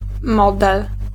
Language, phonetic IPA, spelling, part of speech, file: Polish, [ˈmɔdɛl], model, noun, Pl-model.ogg